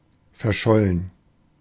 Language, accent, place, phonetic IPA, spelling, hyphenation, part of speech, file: German, Germany, Berlin, [fɛɐ̯ˈʃɔlən], verschollen, ver‧schol‧len, adjective, De-verschollen.ogg
- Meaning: 1. missing, lost 2. declared dead in absentia, presumed dead